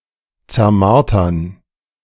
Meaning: to torture
- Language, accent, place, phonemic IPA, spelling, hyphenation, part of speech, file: German, Germany, Berlin, /t͡sɛɐ̯ˈmaʁtɐn/, zermartern, zer‧mar‧tern, verb, De-zermartern.ogg